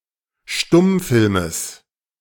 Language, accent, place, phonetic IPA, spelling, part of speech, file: German, Germany, Berlin, [ˈʃtʊmˌfɪlməs], Stummfilmes, noun, De-Stummfilmes.ogg
- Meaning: genitive singular of Stummfilm